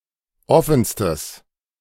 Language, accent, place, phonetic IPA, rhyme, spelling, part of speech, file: German, Germany, Berlin, [ˈɔfn̩stəs], -ɔfn̩stəs, offenstes, adjective, De-offenstes.ogg
- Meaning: strong/mixed nominative/accusative neuter singular superlative degree of offen